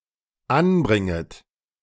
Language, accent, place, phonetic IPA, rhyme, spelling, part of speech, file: German, Germany, Berlin, [ˈanˌbʁɪŋət], -anbʁɪŋət, anbringet, verb, De-anbringet.ogg
- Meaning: second-person plural dependent subjunctive I of anbringen